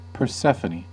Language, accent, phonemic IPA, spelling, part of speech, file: English, US, /pɚˈsɛfəniː/, Persephone, proper noun, En-us-Persephone.ogg